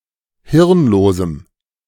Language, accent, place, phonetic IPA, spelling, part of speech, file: German, Germany, Berlin, [ˈhɪʁnˌloːzm̩], hirnlosem, adjective, De-hirnlosem.ogg
- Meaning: strong dative masculine/neuter singular of hirnlos